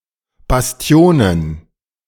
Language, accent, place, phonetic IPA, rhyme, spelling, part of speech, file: German, Germany, Berlin, [basˈti̯oːnən], -oːnən, Bastionen, noun, De-Bastionen.ogg
- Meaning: plural of Bastion